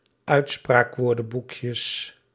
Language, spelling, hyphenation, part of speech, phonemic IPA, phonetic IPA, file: Dutch, uitspraakwoordenboekjes, uit‧spraak‧woor‧den‧boek‧jes, noun, /ˈœy̯tspraːkˌʋoːrdə(n)bukjəs/, [ˈœy̯tspraːkˌʋʊːrdə(m)bukjəs], Nl-uitspraakwoordenboekjes.ogg
- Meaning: plural of uitspraakwoordenboekje